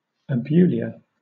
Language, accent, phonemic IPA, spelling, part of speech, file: English, Southern England, /əˈb(j)uː.lɪə/, abulia, noun, LL-Q1860 (eng)-abulia.wav
- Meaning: Absence of willpower or decisiveness, especially as a symptom of mental illness